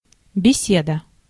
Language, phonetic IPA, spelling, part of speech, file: Russian, [bʲɪˈsʲedə], беседа, noun, Ru-беседа.ogg
- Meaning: 1. conversation, talk 2. conference, discussion